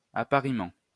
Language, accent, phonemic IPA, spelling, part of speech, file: French, France, /a.pa.ʁi.mɑ̃/, appariement, noun, LL-Q150 (fra)-appariement.wav
- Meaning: 1. matching 2. coupling